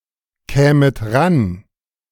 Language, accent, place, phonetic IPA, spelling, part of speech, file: German, Germany, Berlin, [ˌkɛːmət ˈʁan], kämet ran, verb, De-kämet ran.ogg
- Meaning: second-person plural subjunctive II of rankommen